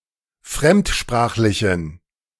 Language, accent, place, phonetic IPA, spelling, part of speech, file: German, Germany, Berlin, [ˈfʁɛmtˌʃpʁaːxlɪçn̩], fremdsprachlichen, adjective, De-fremdsprachlichen.ogg
- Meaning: inflection of fremdsprachlich: 1. strong genitive masculine/neuter singular 2. weak/mixed genitive/dative all-gender singular 3. strong/weak/mixed accusative masculine singular 4. strong dative plural